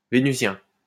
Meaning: of Venus; Venusian
- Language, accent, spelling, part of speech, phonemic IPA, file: French, France, vénusien, adjective, /ve.ny.zjɛ̃/, LL-Q150 (fra)-vénusien.wav